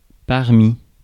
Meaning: 1. among, amongst 2. amid, amidst
- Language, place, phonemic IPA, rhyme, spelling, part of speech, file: French, Paris, /paʁ.mi/, -i, parmi, preposition, Fr-parmi.ogg